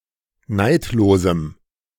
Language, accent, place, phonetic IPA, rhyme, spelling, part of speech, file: German, Germany, Berlin, [ˈnaɪ̯tloːzm̩], -aɪ̯tloːzm̩, neidlosem, adjective, De-neidlosem.ogg
- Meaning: strong dative masculine/neuter singular of neidlos